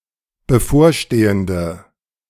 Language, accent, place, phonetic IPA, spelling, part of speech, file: German, Germany, Berlin, [bəˈfoːɐ̯ˌʃteːəndə], bevorstehende, adjective, De-bevorstehende.ogg
- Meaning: inflection of bevorstehend: 1. strong/mixed nominative/accusative feminine singular 2. strong nominative/accusative plural 3. weak nominative all-gender singular